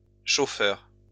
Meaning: plural of chauffeur
- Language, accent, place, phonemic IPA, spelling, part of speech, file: French, France, Lyon, /ʃo.fœʁ/, chauffeurs, noun, LL-Q150 (fra)-chauffeurs.wav